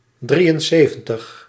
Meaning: seventy-three
- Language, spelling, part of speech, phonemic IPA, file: Dutch, drieënzeventig, numeral, /ˈdri(j)ənˌzeːvə(n)təx/, Nl-drieënzeventig.ogg